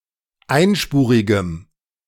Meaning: strong dative masculine/neuter singular of einspurig
- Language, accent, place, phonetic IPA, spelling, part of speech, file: German, Germany, Berlin, [ˈaɪ̯nˌʃpuːʁɪɡəm], einspurigem, adjective, De-einspurigem.ogg